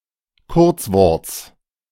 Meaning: genitive singular of Kurzwort
- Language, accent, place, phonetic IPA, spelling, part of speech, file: German, Germany, Berlin, [ˈkʊʁt͡sˌvɔʁt͡s], Kurzworts, noun, De-Kurzworts.ogg